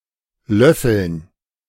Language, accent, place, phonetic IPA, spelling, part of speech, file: German, Germany, Berlin, [ˈlœfl̩n], löffeln, verb, De-löffeln.ogg
- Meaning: 1. to spoon (eat or scoop with a spoon) 2. to excuse 3. to grok, to grasp 4. [with dative] to slap, to box